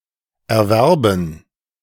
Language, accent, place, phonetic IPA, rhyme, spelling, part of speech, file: German, Germany, Berlin, [ɛɐ̯ˈvɛʁbn̩], -ɛʁbn̩, Erwerben, noun, De-Erwerben.ogg
- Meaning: dative plural of Erwerb